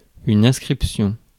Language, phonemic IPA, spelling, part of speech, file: French, /ɛ̃s.kʁip.sjɔ̃/, inscription, noun, Fr-inscription.ogg
- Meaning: 1. registration, enrolment 2. inscription